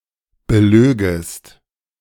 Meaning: second-person singular subjunctive II of belügen
- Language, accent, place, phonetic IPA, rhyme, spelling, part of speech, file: German, Germany, Berlin, [bəˈløːɡəst], -øːɡəst, belögest, verb, De-belögest.ogg